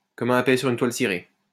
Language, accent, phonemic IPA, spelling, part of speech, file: French, France, /kɔ.m‿œ̃ pɛ sy.ʁ‿yn twal si.ʁe/, comme un pet sur une toile cirée, adverb, LL-Q150 (fra)-comme un pet sur une toile cirée.wav
- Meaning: like grease through a goose, as fast as greased lightning (very rapidly)